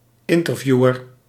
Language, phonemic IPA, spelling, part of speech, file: Dutch, /ˈɪntərˌvjuːər/, interviewer, noun, Nl-interviewer.ogg
- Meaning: a male interviewer